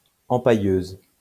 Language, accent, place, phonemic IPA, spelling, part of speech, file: French, France, Lyon, /ɑ̃.pa.jøz/, empailleuse, noun, LL-Q150 (fra)-empailleuse.wav
- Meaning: female equivalent of empailleur